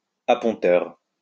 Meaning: a handler or marshal on the flight deck of an aircraft carrier
- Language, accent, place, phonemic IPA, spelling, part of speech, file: French, France, Lyon, /a.pɔ̃.tœʁ/, apponteur, noun, LL-Q150 (fra)-apponteur.wav